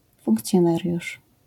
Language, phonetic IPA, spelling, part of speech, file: Polish, [ˌfũŋkt͡sʲjɔ̃ˈnarʲjuʃ], funkcjonariusz, noun, LL-Q809 (pol)-funkcjonariusz.wav